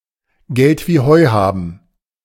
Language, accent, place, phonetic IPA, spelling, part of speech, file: German, Germany, Berlin, [ɡɛlt viː hɔɪ̯ ˈhaːbn̩], Geld wie Heu haben, verb, De-Geld wie Heu haben.ogg
- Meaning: to be rolling in dough